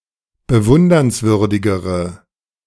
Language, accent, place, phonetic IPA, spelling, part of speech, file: German, Germany, Berlin, [bəˈvʊndɐnsˌvʏʁdɪɡəʁə], bewundernswürdigere, adjective, De-bewundernswürdigere.ogg
- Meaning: inflection of bewundernswürdig: 1. strong/mixed nominative/accusative feminine singular comparative degree 2. strong nominative/accusative plural comparative degree